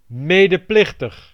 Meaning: 1. sharing in guilt 2. accessory (assisting a crime)
- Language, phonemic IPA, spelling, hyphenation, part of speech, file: Dutch, /ˌmeː.dəˈplɪx.təx/, medeplichtig, me‧de‧plich‧tig, adjective, Nl-medeplichtig.ogg